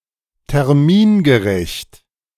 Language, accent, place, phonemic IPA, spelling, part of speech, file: German, Germany, Berlin, /tɛʁˈmiːnɡəˌʁɛçt/, termingerecht, adjective, De-termingerecht.ogg
- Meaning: timely, on schedule